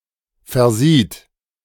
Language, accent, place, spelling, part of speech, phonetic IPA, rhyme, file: German, Germany, Berlin, versieht, verb, [fɛɐ̯ˈziːt], -iːt, De-versieht.ogg
- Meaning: third-person singular present of versehen